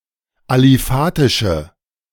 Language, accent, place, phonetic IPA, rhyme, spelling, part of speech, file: German, Germany, Berlin, [aliˈfaːtɪʃə], -aːtɪʃə, aliphatische, adjective, De-aliphatische.ogg
- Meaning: inflection of aliphatisch: 1. strong/mixed nominative/accusative feminine singular 2. strong nominative/accusative plural 3. weak nominative all-gender singular